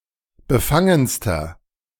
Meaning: inflection of befangen: 1. strong/mixed nominative masculine singular superlative degree 2. strong genitive/dative feminine singular superlative degree 3. strong genitive plural superlative degree
- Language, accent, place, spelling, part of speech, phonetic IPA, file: German, Germany, Berlin, befangenster, adjective, [bəˈfaŋənstɐ], De-befangenster.ogg